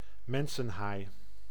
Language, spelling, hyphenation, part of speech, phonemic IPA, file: Dutch, mensenhaai, men‧sen‧haai, noun, /ˈmɛn.sə(n)ˌɦaːi̯/, Nl-mensenhaai.ogg
- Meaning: great white shark